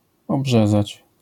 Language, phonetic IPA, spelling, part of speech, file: Polish, [ɔbˈʒɛzat͡ɕ], obrzezać, verb, LL-Q809 (pol)-obrzezać.wav